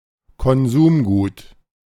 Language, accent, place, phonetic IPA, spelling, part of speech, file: German, Germany, Berlin, [kɔnˈzuːmˌɡuːt], Konsumgut, noun, De-Konsumgut.ogg
- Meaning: consumer good(s)